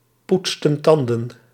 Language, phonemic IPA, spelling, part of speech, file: Dutch, /ˈputstə(n) ˈtɑndə(n)/, poetsten tanden, verb, Nl-poetsten tanden.ogg
- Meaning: inflection of tandenpoetsen: 1. plural past indicative 2. plural past subjunctive